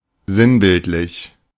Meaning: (adjective) allegorical, emblematic, figurative, symbolic; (adverb) symbolically
- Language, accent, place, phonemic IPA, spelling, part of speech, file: German, Germany, Berlin, /ˈzɪnbɪltlɪç/, sinnbildlich, adjective / adverb, De-sinnbildlich.ogg